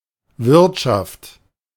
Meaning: 1. economy 2. inn, pub 3. economics (clipping of Wirtschaftswissenschaft) 4. mess
- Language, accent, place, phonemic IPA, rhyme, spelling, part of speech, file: German, Germany, Berlin, /ˈvɪʁtʃaft/, -aft, Wirtschaft, noun, De-Wirtschaft.ogg